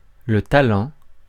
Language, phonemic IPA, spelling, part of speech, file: French, /ta.lɑ̃/, talent, noun, Fr-talent.ogg
- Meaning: 1. a talent (an obsolete unit of weight or money) 2. a talent, a gift, a knack